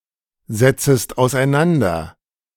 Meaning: second-person singular subjunctive I of auseinandersetzen
- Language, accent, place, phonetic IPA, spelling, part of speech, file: German, Germany, Berlin, [zɛt͡səst aʊ̯sʔaɪ̯ˈnandɐ], setzest auseinander, verb, De-setzest auseinander.ogg